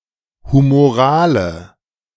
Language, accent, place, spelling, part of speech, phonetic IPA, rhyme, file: German, Germany, Berlin, humorale, adjective, [humoˈʁaːlə], -aːlə, De-humorale.ogg
- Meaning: inflection of humoral: 1. strong/mixed nominative/accusative feminine singular 2. strong nominative/accusative plural 3. weak nominative all-gender singular 4. weak accusative feminine/neuter singular